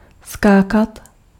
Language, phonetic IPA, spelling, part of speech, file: Czech, [ˈskaːkat], skákat, verb, Cs-skákat.ogg
- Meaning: to jump